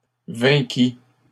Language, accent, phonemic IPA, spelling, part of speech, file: French, Canada, /vɛ̃.ki/, vainquît, verb, LL-Q150 (fra)-vainquît.wav
- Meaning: third-person singular imperfect subjunctive of vaincre